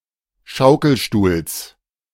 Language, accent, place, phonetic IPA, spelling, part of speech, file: German, Germany, Berlin, [ˈʃaʊ̯kl̩ˌʃtuːls], Schaukelstuhls, noun, De-Schaukelstuhls.ogg
- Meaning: genitive singular of Schaukelstuhl